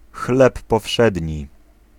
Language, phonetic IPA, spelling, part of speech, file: Polish, [ˈxlɛp ːɔˈfʃɛdʲɲi], chleb powszedni, noun, Pl-chleb powszedni.ogg